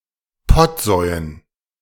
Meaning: dative plural of Pottsau
- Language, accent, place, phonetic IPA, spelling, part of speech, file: German, Germany, Berlin, [ˈpɔtˌzɔɪ̯ən], Pottsäuen, noun, De-Pottsäuen.ogg